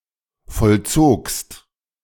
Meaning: second-person singular preterite of vollziehen
- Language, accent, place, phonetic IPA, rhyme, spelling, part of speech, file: German, Germany, Berlin, [fɔlˈt͡soːkst], -oːkst, vollzogst, verb, De-vollzogst.ogg